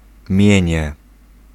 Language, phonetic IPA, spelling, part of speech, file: Polish, [ˈmʲjɛ̇̃ɲɛ], mienie, noun, Pl-mienie.ogg